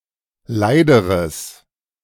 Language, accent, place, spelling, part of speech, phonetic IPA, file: German, Germany, Berlin, leideres, adjective, [ˈlaɪ̯dəʁəs], De-leideres.ogg
- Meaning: strong/mixed nominative/accusative neuter singular comparative degree of leid